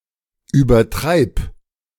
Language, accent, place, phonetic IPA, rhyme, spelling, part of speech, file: German, Germany, Berlin, [yːbɐˈtʁaɪ̯p], -aɪ̯p, übertreib, verb, De-übertreib.ogg
- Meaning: singular imperative of übertreiben